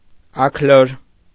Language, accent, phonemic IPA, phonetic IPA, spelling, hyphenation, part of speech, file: Armenian, Eastern Armenian, /ɑkʰˈloɾ/, [ɑkʰlóɾ], աքլոր, աք‧լոր, noun, Hy-աքլոր.ogg
- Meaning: rooster, cock